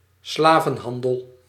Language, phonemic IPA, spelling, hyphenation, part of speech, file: Dutch, /ˈslaː.və(n)ˌɦɑn.dəl/, slavenhandel, sla‧ven‧han‧del, noun, Nl-slavenhandel.ogg
- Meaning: slave trade